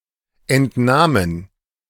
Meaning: plural of Entnahme
- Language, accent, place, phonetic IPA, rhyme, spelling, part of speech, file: German, Germany, Berlin, [ɛntˈnaːmən], -aːmən, Entnahmen, noun, De-Entnahmen.ogg